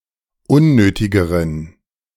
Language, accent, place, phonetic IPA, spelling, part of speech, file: German, Germany, Berlin, [ˈʊnˌnøːtɪɡəʁən], unnötigeren, adjective, De-unnötigeren.ogg
- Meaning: inflection of unnötig: 1. strong genitive masculine/neuter singular comparative degree 2. weak/mixed genitive/dative all-gender singular comparative degree